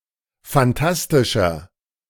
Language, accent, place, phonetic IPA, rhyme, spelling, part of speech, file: German, Germany, Berlin, [fanˈtastɪʃɐ], -astɪʃɐ, fantastischer, adjective, De-fantastischer.ogg
- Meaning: 1. comparative degree of fantastisch 2. inflection of fantastisch: strong/mixed nominative masculine singular 3. inflection of fantastisch: strong genitive/dative feminine singular